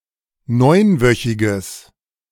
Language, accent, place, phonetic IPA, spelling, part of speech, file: German, Germany, Berlin, [ˈnɔɪ̯nˌvœçɪɡəs], neunwöchiges, adjective, De-neunwöchiges.ogg
- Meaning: strong/mixed nominative/accusative neuter singular of neunwöchig